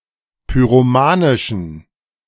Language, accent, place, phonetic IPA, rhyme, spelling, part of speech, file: German, Germany, Berlin, [pyʁoˈmaːnɪʃn̩], -aːnɪʃn̩, pyromanischen, adjective, De-pyromanischen.ogg
- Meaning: inflection of pyromanisch: 1. strong genitive masculine/neuter singular 2. weak/mixed genitive/dative all-gender singular 3. strong/weak/mixed accusative masculine singular 4. strong dative plural